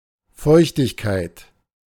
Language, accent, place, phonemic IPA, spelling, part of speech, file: German, Germany, Berlin, /ˈfɔʏçtɪçkaɪ̯t/, Feuchtigkeit, noun, De-Feuchtigkeit.ogg
- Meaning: moisture, humidity, wetness